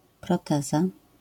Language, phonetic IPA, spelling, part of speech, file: Polish, [prɔˈtɛza], proteza, noun, LL-Q809 (pol)-proteza.wav